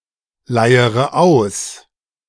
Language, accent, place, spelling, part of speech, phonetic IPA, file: German, Germany, Berlin, leiere aus, verb, [ˌlaɪ̯əʁə ˈaʊ̯s], De-leiere aus.ogg
- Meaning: inflection of ausleiern: 1. first-person singular present 2. first/third-person singular subjunctive I 3. singular imperative